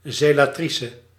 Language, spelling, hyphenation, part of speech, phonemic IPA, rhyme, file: Dutch, zelatrice, ze‧la‧tri‧ce, noun, /ˌzeː.laːˈtri.sə/, -isə, Nl-zelatrice.ogg
- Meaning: a female member of a Roman Catholic fraternity or lay organisation